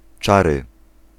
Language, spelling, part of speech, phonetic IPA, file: Polish, czary, noun, [ˈt͡ʃarɨ], Pl-czary.ogg